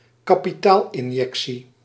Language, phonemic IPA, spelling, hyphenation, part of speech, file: Dutch, /kaː.piˈtaːl.ɪnˌjɛk.si/, kapitaalinjectie, ka‧pi‧taal‧in‧jec‧tie, noun, Nl-kapitaalinjectie.ogg
- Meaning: capital injection